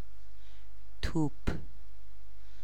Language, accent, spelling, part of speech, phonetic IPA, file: Persian, Iran, توپ, noun / adjective, [t̪ʰúːpʰ], Fa-توپ.ogg
- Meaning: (noun) 1. ball 2. cannon 3. mortar 4. gun 5. bundle, bale 6. bolt (of fabric); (adjective) good, cool